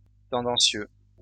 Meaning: tendentious
- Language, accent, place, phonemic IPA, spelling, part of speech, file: French, France, Lyon, /tɑ̃.dɑ̃.sjø/, tendancieux, adjective, LL-Q150 (fra)-tendancieux.wav